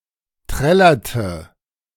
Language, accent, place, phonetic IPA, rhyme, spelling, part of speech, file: German, Germany, Berlin, [ˈtʁɛlɐtə], -ɛlɐtə, trällerte, verb, De-trällerte.ogg
- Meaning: inflection of trällern: 1. first/third-person singular preterite 2. first/third-person singular subjunctive II